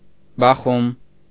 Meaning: 1. knock, rap, pound; beating 2. collision, clash; conflict 3. beat, rhythm
- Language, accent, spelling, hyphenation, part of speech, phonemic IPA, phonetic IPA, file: Armenian, Eastern Armenian, բախում, բա‧խում, noun, /bɑˈχum/, [bɑχúm], Hy-բախում .ogg